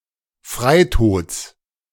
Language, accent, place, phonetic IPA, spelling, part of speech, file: German, Germany, Berlin, [ˈfʁaɪ̯ˌtoːt͡s], Freitods, noun, De-Freitods.ogg
- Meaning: genitive of Freitod